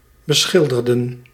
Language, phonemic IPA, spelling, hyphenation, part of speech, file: Dutch, /bəˈsxɪldərə(n)/, beschilderen, be‧schil‧de‧ren, verb, Nl-beschilderen.ogg
- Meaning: to paint, to put paint on, apply paint to